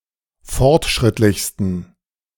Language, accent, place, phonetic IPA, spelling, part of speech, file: German, Germany, Berlin, [ˈfɔʁtˌʃʁɪtlɪçstn̩], fortschrittlichsten, adjective, De-fortschrittlichsten.ogg
- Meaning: 1. superlative degree of fortschrittlich 2. inflection of fortschrittlich: strong genitive masculine/neuter singular superlative degree